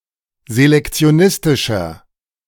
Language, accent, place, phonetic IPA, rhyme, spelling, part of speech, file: German, Germany, Berlin, [zelɛkt͡si̯oˈnɪstɪʃɐ], -ɪstɪʃɐ, selektionistischer, adjective, De-selektionistischer.ogg
- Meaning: 1. comparative degree of selektionistisch 2. inflection of selektionistisch: strong/mixed nominative masculine singular 3. inflection of selektionistisch: strong genitive/dative feminine singular